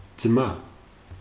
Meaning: brother
- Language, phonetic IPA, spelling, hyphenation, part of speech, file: Georgian, [d͡zmä], ძმა, ძმა, noun, Ka-ძმა.ogg